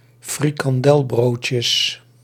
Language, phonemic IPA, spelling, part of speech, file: Dutch, /frikɑnˈdɛlbrocəs/, frikandelbroodjes, noun, Nl-frikandelbroodjes.ogg
- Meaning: plural of frikandelbroodje